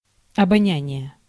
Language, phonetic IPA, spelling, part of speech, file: Russian, [ɐbɐˈnʲænʲɪje], обоняние, noun, Ru-обоняние.ogg
- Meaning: sense of smell, olfaction